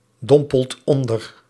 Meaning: inflection of onderdompelen: 1. second/third-person singular present indicative 2. plural imperative
- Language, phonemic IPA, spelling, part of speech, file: Dutch, /ˈdɔmpəlt ˈɔndər/, dompelt onder, verb, Nl-dompelt onder.ogg